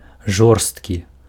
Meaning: 1. cruel 2. hard, dry, stale 3. rough, coarse
- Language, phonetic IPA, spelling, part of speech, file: Belarusian, [ˈʐorstkʲi], жорсткі, adjective, Be-жорсткі.ogg